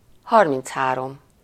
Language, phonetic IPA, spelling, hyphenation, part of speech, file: Hungarian, [ˈhɒrmint͡shaːrom], harminchárom, har‧minc‧há‧rom, numeral, Hu-harminchárom.ogg
- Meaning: thirty-three